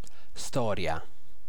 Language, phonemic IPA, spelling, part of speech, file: Italian, /ˈstɔrja/, storia, noun, It-storia.ogg